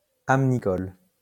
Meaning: amnicolous
- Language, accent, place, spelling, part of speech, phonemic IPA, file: French, France, Lyon, amnicole, adjective, /am.ni.kɔl/, LL-Q150 (fra)-amnicole.wav